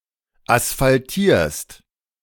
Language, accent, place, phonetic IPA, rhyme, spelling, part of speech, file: German, Germany, Berlin, [asfalˈtiːɐ̯st], -iːɐ̯st, asphaltierst, verb, De-asphaltierst.ogg
- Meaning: second-person singular present of asphaltieren